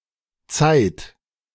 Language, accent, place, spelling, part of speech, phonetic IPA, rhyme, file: German, Germany, Berlin, zeiht, verb, [t͡saɪ̯t], -aɪ̯t, De-zeiht.ogg
- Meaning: inflection of zeihen: 1. third-person singular present 2. second-person plural present 3. plural imperative